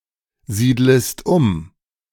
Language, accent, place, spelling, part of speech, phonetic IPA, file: German, Germany, Berlin, siedlest um, verb, [ˌziːdləst ˈʊm], De-siedlest um.ogg
- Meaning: second-person singular subjunctive I of umsiedeln